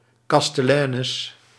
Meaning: 1. a barwoman, a female bartender, a female barkeeper 2. a female inn keeper 3. a chatelaine, a female castelan or the wife of a castellan
- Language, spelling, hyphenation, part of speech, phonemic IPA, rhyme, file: Dutch, kasteleines, kas‧te‧lei‧nes, noun, /ˌkɑs.tə.lɛi̯ˈnɛs/, -ɛs, Nl-kasteleines.ogg